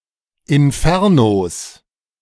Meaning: plural of Inferno
- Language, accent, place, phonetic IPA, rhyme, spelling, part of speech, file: German, Germany, Berlin, [ɪnˈfɛʁnos], -ɛʁnos, Infernos, noun, De-Infernos.ogg